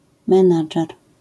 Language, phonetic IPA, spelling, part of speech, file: Polish, [mɛ̃ˈnad͡ʒɛr], menadżer, noun, LL-Q809 (pol)-menadżer.wav